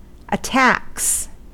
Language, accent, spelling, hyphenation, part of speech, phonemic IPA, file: English, General American, attacks, at‧tacks, noun / verb, /əˈtæks/, En-us-attacks.ogg
- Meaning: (noun) plural of attack; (verb) third-person singular simple present indicative of attack